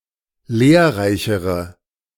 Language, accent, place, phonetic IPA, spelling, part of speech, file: German, Germany, Berlin, [ˈleːɐ̯ˌʁaɪ̯çəʁə], lehrreichere, adjective, De-lehrreichere.ogg
- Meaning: inflection of lehrreich: 1. strong/mixed nominative/accusative feminine singular comparative degree 2. strong nominative/accusative plural comparative degree